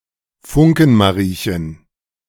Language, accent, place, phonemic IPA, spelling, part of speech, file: German, Germany, Berlin, /ˈfʊŋ.kən.maˌʁiː.çən/, Funkenmariechen, noun, De-Funkenmariechen.ogg
- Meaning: a particular kind of dancer in Rhenish carnival